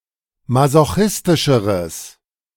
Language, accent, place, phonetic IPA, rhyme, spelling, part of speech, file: German, Germany, Berlin, [mazoˈxɪstɪʃəʁəs], -ɪstɪʃəʁəs, masochistischeres, adjective, De-masochistischeres.ogg
- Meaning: strong/mixed nominative/accusative neuter singular comparative degree of masochistisch